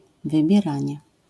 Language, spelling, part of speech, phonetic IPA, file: Polish, wybieranie, noun, [ˌvɨbʲjɛˈrãɲɛ], LL-Q809 (pol)-wybieranie.wav